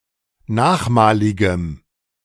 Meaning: strong dative masculine/neuter singular of nachmalig
- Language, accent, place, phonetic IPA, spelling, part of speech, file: German, Germany, Berlin, [ˈnaːxˌmaːlɪɡəm], nachmaligem, adjective, De-nachmaligem.ogg